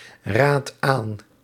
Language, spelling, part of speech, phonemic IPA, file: Dutch, raadt aan, verb, /ˈrat ˈan/, Nl-raadt aan.ogg
- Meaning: inflection of aanraden: 1. second/third-person singular present indicative 2. plural imperative